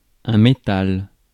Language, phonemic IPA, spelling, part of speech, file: French, /me.tal/, métal, noun, Fr-métal.ogg
- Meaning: 1. metal 2. alternative spelling of metal